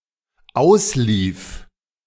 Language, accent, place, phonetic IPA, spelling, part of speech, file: German, Germany, Berlin, [ˈaʊ̯sˌliːf], auslief, verb, De-auslief.ogg
- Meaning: first/third-person singular dependent preterite of auslaufen